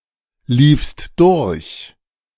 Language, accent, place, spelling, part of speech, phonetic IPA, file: German, Germany, Berlin, liefst durch, verb, [ˌliːfst ˈdʊʁç], De-liefst durch.ogg
- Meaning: second-person singular preterite of durchlaufen